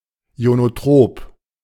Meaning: ionotropic
- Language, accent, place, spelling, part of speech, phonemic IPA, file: German, Germany, Berlin, ionotrop, adjective, /i̯onoˈtʁoːp/, De-ionotrop.ogg